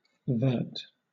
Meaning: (noun) A green colour, now only in heraldry; represented in engraving by diagonal parallel lines 45 degrees counter-clockwise
- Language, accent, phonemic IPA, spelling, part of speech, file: English, Southern England, /vɜːt/, vert, noun / adjective / verb, LL-Q1860 (eng)-vert.wav